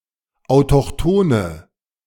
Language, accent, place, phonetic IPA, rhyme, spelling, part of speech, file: German, Germany, Berlin, [aʊ̯tɔxˈtoːnə], -oːnə, autochthone, adjective, De-autochthone.ogg
- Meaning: inflection of autochthon: 1. strong/mixed nominative/accusative feminine singular 2. strong nominative/accusative plural 3. weak nominative all-gender singular